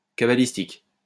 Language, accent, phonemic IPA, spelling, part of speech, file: French, France, /ka.ba.lis.tik/, cabalistique, adjective, LL-Q150 (fra)-cabalistique.wav
- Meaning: cabalistic